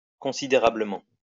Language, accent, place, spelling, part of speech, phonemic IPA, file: French, France, Lyon, considérablement, adverb, /kɔ̃.si.de.ʁa.blə.mɑ̃/, LL-Q150 (fra)-considérablement.wav
- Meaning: considerably